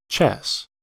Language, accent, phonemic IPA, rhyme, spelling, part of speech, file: English, US, /t͡ʃɛs/, -ɛs, chess, noun, En-us-chess.ogg
- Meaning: A board game for two players, each beginning with sixteen chess pieces moving according to fixed rules across a chessboard with the objective to checkmate the opposing king